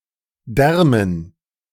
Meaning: dative plural of Darm
- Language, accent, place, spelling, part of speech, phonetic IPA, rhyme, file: German, Germany, Berlin, Därmen, noun, [ˈdɛʁmən], -ɛʁmən, De-Därmen.ogg